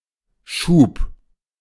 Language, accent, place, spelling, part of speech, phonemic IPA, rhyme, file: German, Germany, Berlin, Schub, noun, /ʃuːp/, -uːp, De-Schub.ogg
- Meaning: 1. thrust 2. phase 3. drive 4. batch 5. push, shove